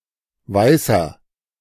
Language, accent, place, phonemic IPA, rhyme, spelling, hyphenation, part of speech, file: German, Germany, Berlin, /ˈvaɪ̯sɐ/, -aɪ̯sɐ, Weißer, Wei‧ßer, noun, De-Weißer.ogg
- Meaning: 1. white person (Caucasian person) 2. inflection of Weiße: strong genitive/dative singular 3. inflection of Weiße: strong genitive plural 4. painter